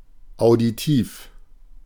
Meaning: auditory
- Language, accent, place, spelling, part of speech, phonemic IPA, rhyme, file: German, Germany, Berlin, auditiv, adjective, /aʊ̯diˈtiːf/, -iːf, De-auditiv.ogg